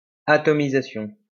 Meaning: atomization
- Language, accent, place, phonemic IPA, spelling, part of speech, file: French, France, Lyon, /a.tɔ.mi.za.sjɔ̃/, atomisation, noun, LL-Q150 (fra)-atomisation.wav